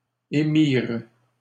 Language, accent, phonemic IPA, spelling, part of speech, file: French, Canada, /e.miʁ/, émirent, verb, LL-Q150 (fra)-émirent.wav
- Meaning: third-person plural past historic of émettre